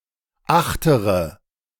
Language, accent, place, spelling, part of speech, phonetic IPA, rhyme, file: German, Germany, Berlin, achtere, adjective, [ˈaxtəʁə], -axtəʁə, De-achtere.ogg
- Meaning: inflection of achterer: 1. strong/mixed nominative/accusative feminine singular 2. strong nominative/accusative plural 3. weak nominative all-gender singular